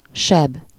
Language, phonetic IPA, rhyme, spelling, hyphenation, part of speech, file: Hungarian, [ˈʃɛb], -ɛb, seb, seb, noun, Hu-seb.ogg
- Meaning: wound